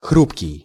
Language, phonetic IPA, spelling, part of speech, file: Russian, [ˈxrupkʲɪj], хрупкий, adjective, Ru-хрупкий.ogg
- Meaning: fragile (easily broken or destroyed)